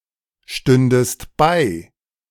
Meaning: second-person singular subjunctive II of beistehen
- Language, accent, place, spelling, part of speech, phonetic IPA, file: German, Germany, Berlin, stündest bei, verb, [ˌʃtʏndəst ˈbaɪ̯], De-stündest bei.ogg